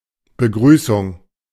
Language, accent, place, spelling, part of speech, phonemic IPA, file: German, Germany, Berlin, Begrüßung, noun, /bəˈɡʁyːsʊŋ/, De-Begrüßung.ogg
- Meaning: greeting, salutation